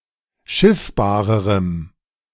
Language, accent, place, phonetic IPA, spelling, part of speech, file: German, Germany, Berlin, [ˈʃɪfbaːʁəʁəm], schiffbarerem, adjective, De-schiffbarerem.ogg
- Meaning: strong dative masculine/neuter singular comparative degree of schiffbar